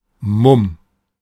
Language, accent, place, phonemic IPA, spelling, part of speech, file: German, Germany, Berlin, /mʊm/, Mumm, noun, De-Mumm.ogg
- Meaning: moxie, guts, grit, balls, nerve